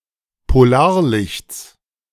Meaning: genitive singular of Polarlicht
- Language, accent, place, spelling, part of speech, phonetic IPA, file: German, Germany, Berlin, Polarlichts, noun, [poˈlaːɐ̯ˌlɪçt͡s], De-Polarlichts.ogg